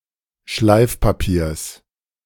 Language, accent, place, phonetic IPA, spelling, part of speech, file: German, Germany, Berlin, [ˈʃlaɪ̯fpaˌpiːɐ̯s], Schleifpapiers, noun, De-Schleifpapiers.ogg
- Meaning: genitive singular of Schleifpapier